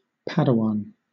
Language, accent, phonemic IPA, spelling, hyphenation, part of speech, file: English, Southern England, /ˈpædəˌwɒn/, padawan, pa‧da‧wan, noun, LL-Q1860 (eng)-padawan.wav
- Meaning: 1. An apprentice or student Jedi 2. Any apprentice or student